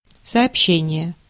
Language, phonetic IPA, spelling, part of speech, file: Russian, [sɐɐpˈɕːenʲɪje], сообщение, noun, Ru-сообщение.ogg
- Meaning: 1. report, communication, message 2. statement, announcement, information 3. connection, line (of transportation), route